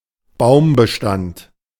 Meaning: tree population
- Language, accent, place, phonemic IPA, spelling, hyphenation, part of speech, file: German, Germany, Berlin, /ˈbaʊ̯mbəˌʃtant/, Baumbestand, Baum‧be‧stand, noun, De-Baumbestand.ogg